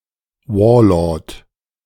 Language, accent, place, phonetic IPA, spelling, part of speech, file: German, Germany, Berlin, [ˈvɔːɐ̯ˌlɔʁt], Warlord, noun, De-Warlord.ogg
- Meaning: warlord